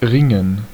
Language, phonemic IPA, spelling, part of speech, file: German, /ˈʁɪŋən/, ringen, verb, De-ringen.ogg
- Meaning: 1. to wrestle 2. to struggle 3. to wring (for example “hands”; but not “clothes”, for that see wringen)